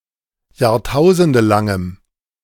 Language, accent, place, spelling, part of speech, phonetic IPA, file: German, Germany, Berlin, jahrtausendelangem, adjective, [jaːʁˈtaʊ̯zəndəlaŋəm], De-jahrtausendelangem.ogg
- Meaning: strong dative masculine/neuter singular of jahrtausendelang